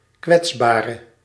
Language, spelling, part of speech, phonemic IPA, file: Dutch, kwetsbare, adjective / noun, /ˈkwɛtsbarə/, Nl-kwetsbare.ogg
- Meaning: inflection of kwetsbaar: 1. masculine/feminine singular attributive 2. definite neuter singular attributive 3. plural attributive